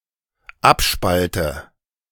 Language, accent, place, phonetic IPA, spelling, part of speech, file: German, Germany, Berlin, [ˈapˌʃpaltə], abspalte, verb, De-abspalte.ogg
- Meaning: inflection of abspalten: 1. first-person singular dependent present 2. first/third-person singular dependent subjunctive I